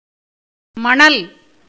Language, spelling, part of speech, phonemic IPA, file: Tamil, மணல், noun, /mɐɳɐl/, Ta-மணல்.ogg
- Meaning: sand